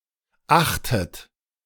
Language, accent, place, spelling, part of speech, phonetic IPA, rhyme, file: German, Germany, Berlin, achtet, verb, [ˈaxtət], -axtət, De-achtet.ogg
- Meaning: inflection of achten: 1. third-person singular present 2. second-person plural present 3. second-person plural subjunctive I 4. plural imperative